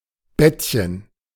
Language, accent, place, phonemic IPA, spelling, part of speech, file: German, Germany, Berlin, /ˈbɛtçən/, Bettchen, noun, De-Bettchen.ogg
- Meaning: diminutive of Bett